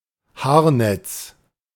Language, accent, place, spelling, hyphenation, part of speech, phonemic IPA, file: German, Germany, Berlin, Haarnetz, Haar‧netz, noun, /ˈhaːɐ̯.nɛt͡s/, De-Haarnetz.ogg
- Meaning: hairnet